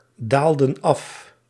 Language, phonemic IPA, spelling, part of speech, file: Dutch, /ˈdaldə(n) ˈɑf/, daalden af, verb, Nl-daalden af.ogg
- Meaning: inflection of afdalen: 1. plural past indicative 2. plural past subjunctive